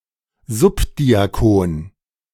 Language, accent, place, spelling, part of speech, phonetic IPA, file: German, Germany, Berlin, Subdiakon, noun, [ˈzʊpdiaˌkoːn], De-Subdiakon.ogg
- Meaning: subdeacon